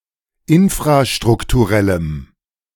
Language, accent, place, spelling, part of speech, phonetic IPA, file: German, Germany, Berlin, infrastrukturellem, adjective, [ˈɪnfʁaʃtʁʊktuˌʁɛləm], De-infrastrukturellem.ogg
- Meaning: strong dative masculine/neuter singular of infrastrukturell